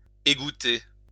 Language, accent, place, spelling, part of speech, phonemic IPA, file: French, France, Lyon, égoutter, verb, /e.ɡu.te/, LL-Q150 (fra)-égoutter.wav
- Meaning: to drain (to remove the liquid from something)